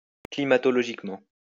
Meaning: climatologically
- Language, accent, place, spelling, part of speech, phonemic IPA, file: French, France, Lyon, climatologiquement, adverb, /kli.ma.tɔ.lɔ.ʒik.mɑ̃/, LL-Q150 (fra)-climatologiquement.wav